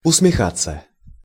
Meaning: to grin, to smile, to smirk
- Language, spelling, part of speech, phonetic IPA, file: Russian, усмехаться, verb, [ʊsmʲɪˈxat͡sːə], Ru-усмехаться.ogg